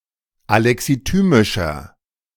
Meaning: inflection of alexithymisch: 1. strong/mixed nominative masculine singular 2. strong genitive/dative feminine singular 3. strong genitive plural
- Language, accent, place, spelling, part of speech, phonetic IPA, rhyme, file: German, Germany, Berlin, alexithymischer, adjective, [alɛksiˈtyːmɪʃɐ], -yːmɪʃɐ, De-alexithymischer.ogg